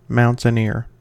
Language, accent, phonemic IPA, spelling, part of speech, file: English, US, /ˌmaʊn.tɪnˈɪɹ/, mountaineer, noun / verb, En-us-mountaineer.ogg
- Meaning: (noun) 1. A person who lives in a mountainous area (often with the connotation that such people are outlaws or uncivilized) 2. A person who climbs mountains for sport or pleasure